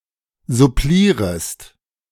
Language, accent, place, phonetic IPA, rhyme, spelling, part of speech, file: German, Germany, Berlin, [zʊˈpliːʁəst], -iːʁəst, supplierest, verb, De-supplierest.ogg
- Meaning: second-person singular subjunctive I of supplieren